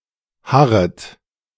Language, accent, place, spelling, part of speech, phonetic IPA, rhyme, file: German, Germany, Berlin, harret, verb, [ˈhaʁət], -aʁət, De-harret.ogg
- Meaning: second-person plural subjunctive I of harren